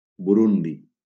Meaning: Burundi (a country in East Africa)
- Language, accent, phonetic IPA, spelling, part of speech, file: Catalan, Valencia, [buˈɾun.di], Burundi, proper noun, LL-Q7026 (cat)-Burundi.wav